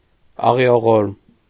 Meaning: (adjective) sorrowful, mournful; plaintive; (adverb) sorrowfully, mournfully; plaintively
- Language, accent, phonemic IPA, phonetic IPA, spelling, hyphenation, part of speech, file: Armenian, Eastern Armenian, /ɑʁioˈʁoɾm/, [ɑʁi(j)oʁóɾm], աղիողորմ, ա‧ղի‧ո‧ղորմ, adjective / adverb, Hy-աղիողորմ.ogg